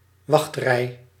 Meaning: queue
- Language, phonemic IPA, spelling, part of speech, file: Dutch, /ˈʋɑxt.rɛi̯/, wachtrij, noun, Nl-wachtrij.ogg